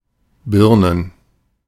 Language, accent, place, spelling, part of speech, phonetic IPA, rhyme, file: German, Germany, Berlin, Birnen, noun, [ˈbɪʁnən], -ɪʁnən, De-Birnen.ogg
- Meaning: plural of Birne "pears"